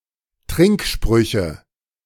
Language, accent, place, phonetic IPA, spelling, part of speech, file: German, Germany, Berlin, [ˈtʁɪŋkˌʃpʁʏçə], Trinksprüche, noun, De-Trinksprüche.ogg
- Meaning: nominative/accusative/genitive plural of Trinkspruch